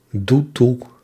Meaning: inflection of toedoen: 1. first-person singular present indicative 2. second-person singular present indicative 3. imperative 4. singular present subjunctive
- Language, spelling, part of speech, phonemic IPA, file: Dutch, doe toe, verb, /ˈdu ˈtu/, Nl-doe toe.ogg